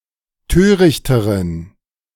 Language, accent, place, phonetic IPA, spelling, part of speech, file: German, Germany, Berlin, [ˈtøːʁɪçtəʁən], törichteren, adjective, De-törichteren.ogg
- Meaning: inflection of töricht: 1. strong genitive masculine/neuter singular comparative degree 2. weak/mixed genitive/dative all-gender singular comparative degree